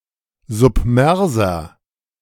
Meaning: inflection of submers: 1. strong/mixed nominative masculine singular 2. strong genitive/dative feminine singular 3. strong genitive plural
- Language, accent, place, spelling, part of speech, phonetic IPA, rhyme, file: German, Germany, Berlin, submerser, adjective, [zʊpˈmɛʁzɐ], -ɛʁzɐ, De-submerser.ogg